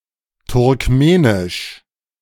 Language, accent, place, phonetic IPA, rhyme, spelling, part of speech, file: German, Germany, Berlin, [tʊʁkˈmeːnɪʃ], -eːnɪʃ, Turkmenisch, noun, De-Turkmenisch.ogg
- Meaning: Turkmen (language spoken in Turkmenistan)